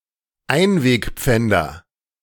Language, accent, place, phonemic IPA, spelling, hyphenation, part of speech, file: German, Germany, Berlin, /ˈaɪ̯nveːkˌp͡fɛndɐ/, Einwegpfänder, Ein‧weg‧pfän‧der, noun, De-Einwegpfänder.ogg
- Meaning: nominative/accusative/genitive plural of Einwegpfand